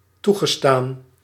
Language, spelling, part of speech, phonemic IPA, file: Dutch, toegestaan, verb / adjective, /ˈtuɣəˌstan/, Nl-toegestaan.ogg
- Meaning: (adjective) allowed, permitted; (verb) past participle of toestaan